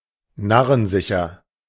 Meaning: foolproof; surefire
- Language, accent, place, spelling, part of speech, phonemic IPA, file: German, Germany, Berlin, narrensicher, adjective, /ˈnaʁənˌzɪçɐ/, De-narrensicher.ogg